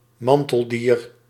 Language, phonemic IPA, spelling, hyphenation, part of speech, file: Dutch, /ˈmɑn.təlˌdiːr/, manteldier, man‧tel‧dier, noun, Nl-manteldier.ogg
- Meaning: tunicate, any member of the subphylum Tunicata